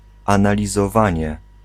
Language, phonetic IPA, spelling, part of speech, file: Polish, [ˌãnalʲizɔˈvãɲɛ], analizowanie, noun, Pl-analizowanie.ogg